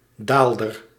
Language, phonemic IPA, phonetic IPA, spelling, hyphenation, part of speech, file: Dutch, /ˈdaːl.dər/, [ˈdal.dər], daalder, daal‧der, noun, Nl-daalder.ogg
- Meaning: 1. thaler 2. the Dutch thaler, used in the Netherlands from the 17th century until 1816 and worth 30 stuivers = 1½ guldens 3. 1½ guilders (shorthand for the monetary value, not a physical coin)